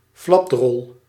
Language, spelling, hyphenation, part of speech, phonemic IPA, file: Dutch, flapdrol, flap‧drol, noun, /ˈflɑp.drɔl/, Nl-flapdrol.ogg
- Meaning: fool, nincompoop